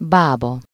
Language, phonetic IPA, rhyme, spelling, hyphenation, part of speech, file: Hungarian, [ˈbaːbɒ], -bɒ, bába, bá‧ba, noun, Hu-bába.ogg
- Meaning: 1. midwife 2. old woman 3. witch